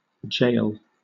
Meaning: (noun) Dated spelling of jail
- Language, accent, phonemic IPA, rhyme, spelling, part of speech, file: English, Southern England, /d͡ʒeɪl/, -eɪl, gaol, noun / verb, LL-Q1860 (eng)-gaol.wav